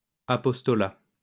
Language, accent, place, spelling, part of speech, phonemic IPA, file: French, France, Lyon, apostolat, noun, /a.pɔs.tɔ.la/, LL-Q150 (fra)-apostolat.wav
- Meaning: apostolate